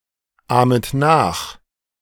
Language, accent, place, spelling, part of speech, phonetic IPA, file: German, Germany, Berlin, ahmet nach, verb, [ˌaːmət ˈnaːx], De-ahmet nach.ogg
- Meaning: second-person plural subjunctive I of nachahmen